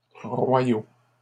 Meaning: masculine plural of royal
- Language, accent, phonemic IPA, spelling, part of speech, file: French, Canada, /ʁwa.jo/, royaux, adjective, LL-Q150 (fra)-royaux.wav